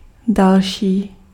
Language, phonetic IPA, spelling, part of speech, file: Czech, [ˈdalʃiː], další, adjective, Cs-další.ogg
- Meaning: 1. another 2. next 3. further